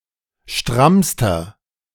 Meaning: inflection of stramm: 1. strong/mixed nominative masculine singular superlative degree 2. strong genitive/dative feminine singular superlative degree 3. strong genitive plural superlative degree
- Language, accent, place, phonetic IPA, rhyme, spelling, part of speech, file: German, Germany, Berlin, [ˈʃtʁamstɐ], -amstɐ, strammster, adjective, De-strammster.ogg